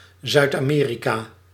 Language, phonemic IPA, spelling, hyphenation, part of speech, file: Dutch, /ˌzœy̯t.ɑˈmeː.ri.kaː/, Zuid-Amerika, Zuid-Ame‧rika, proper noun, Nl-Zuid-Amerika.ogg
- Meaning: South America (the continent forming the southern part of the Americas)